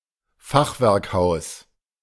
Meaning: half-timbered house; timber-framed house (traditional style of house common in German-speaking countries)
- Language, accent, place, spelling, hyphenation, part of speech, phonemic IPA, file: German, Germany, Berlin, Fachwerkhaus, Fach‧werk‧haus, noun, /ˈfaxvɛʁkˌhaʊ̯s/, De-Fachwerkhaus.ogg